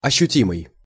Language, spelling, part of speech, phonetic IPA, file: Russian, ощутимый, adjective, [ɐɕːʉˈtʲimɨj], Ru-ощутимый.ogg
- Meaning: tangible, perceptible, palpable